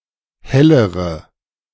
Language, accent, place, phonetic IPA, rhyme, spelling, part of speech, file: German, Germany, Berlin, [ˈhɛləʁə], -ɛləʁə, hellere, adjective, De-hellere.ogg
- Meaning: inflection of heller: 1. strong/mixed nominative/accusative feminine singular 2. strong nominative/accusative plural 3. weak nominative all-gender singular 4. weak accusative feminine/neuter singular